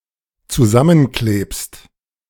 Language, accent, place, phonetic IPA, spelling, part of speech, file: German, Germany, Berlin, [t͡suˈzamənˌkleːpst], zusammenklebst, verb, De-zusammenklebst.ogg
- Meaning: second-person singular dependent present of zusammenkleben